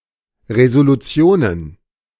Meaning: plural of Resolution
- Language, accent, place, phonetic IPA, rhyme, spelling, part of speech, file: German, Germany, Berlin, [ˌʁezoluˈt͡si̯oːnən], -oːnən, Resolutionen, noun, De-Resolutionen.ogg